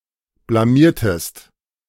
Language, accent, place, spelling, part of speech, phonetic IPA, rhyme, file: German, Germany, Berlin, blamiertest, verb, [blaˈmiːɐ̯təst], -iːɐ̯təst, De-blamiertest.ogg
- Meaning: inflection of blamieren: 1. second-person singular preterite 2. second-person singular subjunctive II